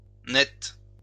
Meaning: feminine singular of net
- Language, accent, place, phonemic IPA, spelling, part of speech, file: French, France, Lyon, /nɛt/, nette, adjective, LL-Q150 (fra)-nette.wav